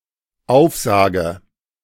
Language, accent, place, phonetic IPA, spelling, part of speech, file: German, Germany, Berlin, [ˈaʊ̯fˌzaːɡə], aufsage, verb, De-aufsage.ogg
- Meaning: inflection of aufsagen: 1. first-person singular dependent present 2. first/third-person singular dependent subjunctive I